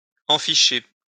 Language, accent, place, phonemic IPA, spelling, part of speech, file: French, France, Lyon, /ɑ̃.fi.ʃe/, enficher, verb, LL-Q150 (fra)-enficher.wav
- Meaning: to plug the male part of a device into the female part designed to receive it